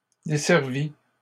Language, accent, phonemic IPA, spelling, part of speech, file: French, Canada, /de.sɛʁ.vi/, desservi, verb, LL-Q150 (fra)-desservi.wav
- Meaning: past participle of desservir